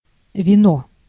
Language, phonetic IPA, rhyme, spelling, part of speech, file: Russian, [vʲɪˈno], -o, вино, noun, Ru-вино.ogg
- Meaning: 1. wine 2. any strong alcoholic beverage (especially vodka)